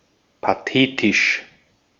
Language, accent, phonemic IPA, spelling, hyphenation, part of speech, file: German, Austria, /paˈteːtɪʃ/, pathetisch, pa‧the‧tisch, adjective, De-at-pathetisch.ogg
- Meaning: histrionic; gushing; pompous; grandiose (excessively emotional, dramatic, or solemn)